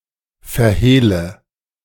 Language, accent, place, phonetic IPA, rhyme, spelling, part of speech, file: German, Germany, Berlin, [fɛɐ̯ˈheːlə], -eːlə, verhehle, verb, De-verhehle.ogg
- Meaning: inflection of verhehlen: 1. first-person singular present 2. first/third-person singular subjunctive I 3. singular imperative